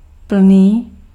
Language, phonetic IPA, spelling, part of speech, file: Czech, [ˈpl̩niː], plný, adjective, Cs-plný.ogg
- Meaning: full